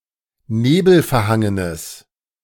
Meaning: strong/mixed nominative/accusative neuter singular of nebelverhangen
- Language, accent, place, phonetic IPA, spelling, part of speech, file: German, Germany, Berlin, [ˈneːbl̩fɛɐ̯ˌhaŋənəs], nebelverhangenes, adjective, De-nebelverhangenes.ogg